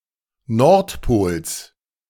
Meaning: genitive singular of Nordpol
- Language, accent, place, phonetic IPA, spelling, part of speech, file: German, Germany, Berlin, [ˈnɔʁtˌpoːls], Nordpols, noun, De-Nordpols.ogg